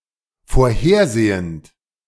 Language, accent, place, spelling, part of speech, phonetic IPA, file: German, Germany, Berlin, vorhersehend, verb, [foːɐ̯ˈheːɐ̯ˌzeːənt], De-vorhersehend.ogg
- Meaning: present participle of vorhersehen